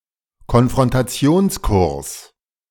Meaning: collision course
- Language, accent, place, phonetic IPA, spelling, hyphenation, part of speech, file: German, Germany, Berlin, [kɔnfʁɔntaˈt͡si̯oːnsˌkʊʁs], Konfrontationskurs, Kon‧fron‧ta‧ti‧ons‧kurs, noun, De-Konfrontationskurs.ogg